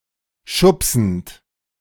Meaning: present participle of schubsen
- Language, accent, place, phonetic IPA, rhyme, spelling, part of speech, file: German, Germany, Berlin, [ˈʃʊpsn̩t], -ʊpsn̩t, schubsend, verb, De-schubsend.ogg